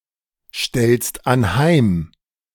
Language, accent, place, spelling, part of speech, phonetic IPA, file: German, Germany, Berlin, stellst anheim, verb, [ˌʃtɛlst anˈhaɪ̯m], De-stellst anheim.ogg
- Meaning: second-person singular present of anheimstellen